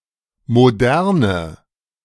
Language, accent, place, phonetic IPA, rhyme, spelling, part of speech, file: German, Germany, Berlin, [moˈdɛʁnə], -ɛʁnə, moderne, adjective, De-moderne.ogg
- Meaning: inflection of modern: 1. strong/mixed nominative/accusative feminine singular 2. strong nominative/accusative plural 3. weak nominative all-gender singular 4. weak accusative feminine/neuter singular